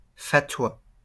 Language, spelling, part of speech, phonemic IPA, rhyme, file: French, fatwa, noun, /fa.twa/, -a, LL-Q150 (fra)-fatwa.wav
- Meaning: fatwa (legal opinion issued by a mufti)